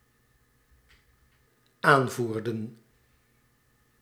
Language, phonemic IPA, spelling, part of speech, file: Dutch, /ˈaɱvurdə(n)/, aanvoerden, verb, Nl-aanvoerden.ogg
- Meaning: inflection of aanvoeren: 1. plural dependent-clause past indicative 2. plural dependent-clause past subjunctive